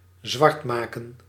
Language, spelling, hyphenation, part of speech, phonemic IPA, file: Dutch, zwartmaken, zwart‧ma‧ken, verb, /ˈzʋɑrtˌmaː.kə(n)/, Nl-zwartmaken.ogg
- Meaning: 1. to blacken, to make black(er) 2. to blacken, to defame, to present (too) badly